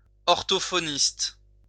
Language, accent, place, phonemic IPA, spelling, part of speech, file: French, France, Lyon, /ɔʁ.to.fo.nist/, orthophoniste, noun, LL-Q150 (fra)-orthophoniste.wav
- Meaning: speech therapist